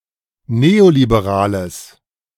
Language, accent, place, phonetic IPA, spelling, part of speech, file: German, Germany, Berlin, [ˈneːolibeˌʁaːləs], neoliberales, adjective, De-neoliberales.ogg
- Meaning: strong/mixed nominative/accusative neuter singular of neoliberal